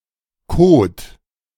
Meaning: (noun) alternative form of Code; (proper noun) 1. a town in Sweden 2. a German surname
- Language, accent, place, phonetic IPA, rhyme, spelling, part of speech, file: German, Germany, Berlin, [koːt], -oːt, Kode, noun, De-Kode.ogg